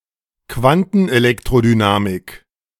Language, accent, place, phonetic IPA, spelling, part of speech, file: German, Germany, Berlin, [ˈkvantn̩ʔeˌlɛktʁodynaːmɪk], Quantenelektrodynamik, noun, De-Quantenelektrodynamik.ogg
- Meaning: quantum electrodynamics